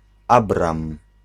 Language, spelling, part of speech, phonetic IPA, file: Polish, Abram, proper noun, [ˈabrãm], Pl-Abram.ogg